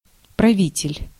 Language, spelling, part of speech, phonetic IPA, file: Russian, правитель, noun, [prɐˈvʲitʲɪlʲ], Ru-правитель.ogg
- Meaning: ruler (a person who rules or governs)